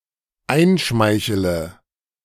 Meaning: inflection of einschmeicheln: 1. first-person singular dependent present 2. first/third-person singular dependent subjunctive I
- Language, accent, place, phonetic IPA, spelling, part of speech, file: German, Germany, Berlin, [ˈaɪ̯nˌʃmaɪ̯çələ], einschmeichele, verb, De-einschmeichele.ogg